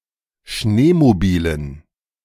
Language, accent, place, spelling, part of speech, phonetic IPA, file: German, Germany, Berlin, Schneemobilen, noun, [ˈʃneːmoˌbiːlən], De-Schneemobilen.ogg
- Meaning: dative plural of Schneemobil